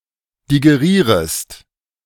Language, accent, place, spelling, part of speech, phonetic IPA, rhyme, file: German, Germany, Berlin, digerierest, verb, [diɡeˈʁiːʁəst], -iːʁəst, De-digerierest.ogg
- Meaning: second-person singular subjunctive I of digerieren